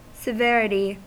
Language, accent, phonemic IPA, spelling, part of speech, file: English, US, /səˈvɛɹ.ə.ti/, severity, noun, En-us-severity.ogg
- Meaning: 1. The state of being severe 2. The degree of something undesirable; badness or seriousness